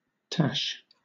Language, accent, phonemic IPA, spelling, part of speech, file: English, Southern England, /tɑːʃ/, tache, noun, LL-Q1860 (eng)-tache.wav
- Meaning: Moustache, mustache